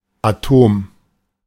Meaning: atom
- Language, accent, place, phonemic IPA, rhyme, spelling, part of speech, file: German, Germany, Berlin, /aˈtoːm/, -oːm, Atom, noun, De-Atom.ogg